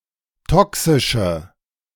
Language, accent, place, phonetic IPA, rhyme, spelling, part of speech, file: German, Germany, Berlin, [ˈtɔksɪʃə], -ɔksɪʃə, toxische, adjective, De-toxische.ogg
- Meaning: inflection of toxisch: 1. strong/mixed nominative/accusative feminine singular 2. strong nominative/accusative plural 3. weak nominative all-gender singular 4. weak accusative feminine/neuter singular